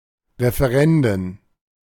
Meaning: plural of Referendum
- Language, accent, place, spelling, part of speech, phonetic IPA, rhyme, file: German, Germany, Berlin, Referenden, noun, [ʁefeˈʁɛndn̩], -ɛndn̩, De-Referenden.ogg